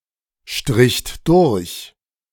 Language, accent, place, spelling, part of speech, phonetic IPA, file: German, Germany, Berlin, stricht durch, verb, [ˌʃtʁɪçt ˈdʊʁç], De-stricht durch.ogg
- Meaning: second-person plural preterite of durchstreichen